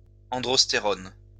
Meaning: androsterone
- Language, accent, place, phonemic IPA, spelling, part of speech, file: French, France, Lyon, /ɑ̃.dʁɔs.te.ʁɔn/, androstérone, noun, LL-Q150 (fra)-androstérone.wav